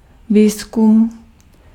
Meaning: research
- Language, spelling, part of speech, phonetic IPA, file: Czech, výzkum, noun, [ˈviːskum], Cs-výzkum.ogg